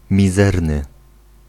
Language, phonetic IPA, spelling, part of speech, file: Polish, [mʲiˈzɛrnɨ], mizerny, adjective, Pl-mizerny.ogg